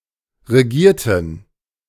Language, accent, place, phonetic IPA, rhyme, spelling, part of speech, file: German, Germany, Berlin, [ʁeˈɡiːɐ̯tn̩], -iːɐ̯tn̩, regierten, adjective / verb, De-regierten.ogg
- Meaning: inflection of regieren: 1. first/third-person plural preterite 2. first/third-person plural subjunctive II